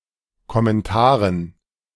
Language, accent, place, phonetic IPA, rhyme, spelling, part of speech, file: German, Germany, Berlin, [kɔmɛnˈtaːʁən], -aːʁən, Kommentaren, noun, De-Kommentaren.ogg
- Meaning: dative plural of Kommentar